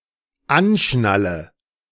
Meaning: inflection of anschnallen: 1. first-person singular dependent present 2. first/third-person singular dependent subjunctive I
- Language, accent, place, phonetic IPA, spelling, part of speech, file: German, Germany, Berlin, [ˈanˌʃnalə], anschnalle, verb, De-anschnalle.ogg